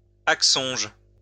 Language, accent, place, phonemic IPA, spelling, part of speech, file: French, France, Lyon, /ak.sɔ̃ʒ/, axonge, noun, LL-Q150 (fra)-axonge.wav
- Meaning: lard